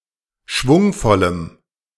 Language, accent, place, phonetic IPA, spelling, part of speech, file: German, Germany, Berlin, [ˈʃvʊŋfɔləm], schwungvollem, adjective, De-schwungvollem.ogg
- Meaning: strong dative masculine/neuter singular of schwungvoll